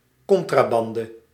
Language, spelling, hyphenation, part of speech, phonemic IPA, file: Dutch, contrabande, con‧tra‧ban‧de, noun, /ˈkɔn.traːˌbɑn.də/, Nl-contrabande.ogg
- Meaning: smuggled goods, contraband